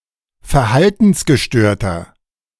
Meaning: 1. comparative degree of verhaltensgestört 2. inflection of verhaltensgestört: strong/mixed nominative masculine singular 3. inflection of verhaltensgestört: strong genitive/dative feminine singular
- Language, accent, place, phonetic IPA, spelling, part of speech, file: German, Germany, Berlin, [fɛɐ̯ˈhaltn̩sɡəˌʃtøːɐ̯tɐ], verhaltensgestörter, adjective, De-verhaltensgestörter.ogg